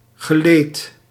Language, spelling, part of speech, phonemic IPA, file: Dutch, geleed, adjective, /ɣəˈlet/, Nl-geleed.ogg
- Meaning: articulated